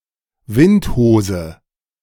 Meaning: tornado
- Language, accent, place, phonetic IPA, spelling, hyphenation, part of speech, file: German, Germany, Berlin, [ˈvɪntˌhoːzə], Windhose, Wind‧hose, noun, De-Windhose.ogg